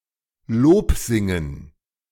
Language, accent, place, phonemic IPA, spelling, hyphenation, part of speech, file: German, Germany, Berlin, /ˈloːpˌzɪŋən/, lobsingen, lob‧sin‧gen, verb, De-lobsingen.ogg
- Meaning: to sing praises